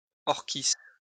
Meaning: orchis (Orchis)
- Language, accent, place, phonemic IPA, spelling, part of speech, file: French, France, Lyon, /ɔʁ.kis/, orchis, noun, LL-Q150 (fra)-orchis.wav